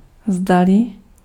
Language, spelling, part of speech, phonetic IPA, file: Czech, zdali, conjunction, [ˈzdalɪ], Cs-zdali.ogg
- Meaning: 1. whether, if (in indirect questions) 2. whether, if (either)